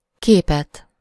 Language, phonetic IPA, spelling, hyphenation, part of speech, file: Hungarian, [ˈkeːpɛt], képet, ké‧pet, noun, Hu-képet.ogg
- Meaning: accusative singular of kép